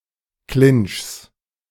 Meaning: genitive singular of Clinch
- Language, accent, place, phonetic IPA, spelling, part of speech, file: German, Germany, Berlin, [klɪnt͡ʃs], Clinchs, noun, De-Clinchs.ogg